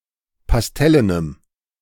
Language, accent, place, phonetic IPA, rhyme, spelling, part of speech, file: German, Germany, Berlin, [pasˈtɛlənəm], -ɛlənəm, pastellenem, adjective, De-pastellenem.ogg
- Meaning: strong dative masculine/neuter singular of pastellen